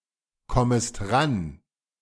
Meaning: second-person singular subjunctive I of rankommen
- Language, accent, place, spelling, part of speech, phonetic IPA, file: German, Germany, Berlin, kommest ran, verb, [ˌkɔməst ˈʁan], De-kommest ran.ogg